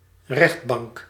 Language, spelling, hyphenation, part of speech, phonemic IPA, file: Dutch, rechtbank, recht‧bank, noun, /ˈrɛxt.bɑŋk/, Nl-rechtbank.ogg
- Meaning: 1. court of first instance 2. any court of law 3. dated form of aanrechtbank